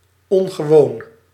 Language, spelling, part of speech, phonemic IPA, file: Dutch, ongewoon, adjective, /ˌɔŋɣəˈwon/, Nl-ongewoon.ogg
- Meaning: unusual